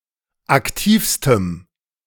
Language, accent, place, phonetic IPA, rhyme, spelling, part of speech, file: German, Germany, Berlin, [akˈtiːfstəm], -iːfstəm, aktivstem, adjective, De-aktivstem.ogg
- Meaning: strong dative masculine/neuter singular superlative degree of aktiv